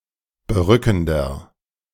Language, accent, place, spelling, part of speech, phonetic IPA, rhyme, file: German, Germany, Berlin, berückender, adjective, [bəˈʁʏkn̩dɐ], -ʏkn̩dɐ, De-berückender.ogg
- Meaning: 1. comparative degree of berückend 2. inflection of berückend: strong/mixed nominative masculine singular 3. inflection of berückend: strong genitive/dative feminine singular